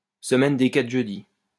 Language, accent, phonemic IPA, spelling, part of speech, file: French, France, /sə.mɛn de kat(ʁ) ʒø.di/, semaine des quatre jeudis, noun, LL-Q150 (fra)-semaine des quatre jeudis.wav
- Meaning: a cold day in July, a cold day in Hell (the time of occurrence of an event that will never happen)